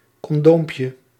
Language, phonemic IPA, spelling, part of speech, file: Dutch, /kɔnˈdompjə/, condoompje, noun, Nl-condoompje.ogg
- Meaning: diminutive of condoom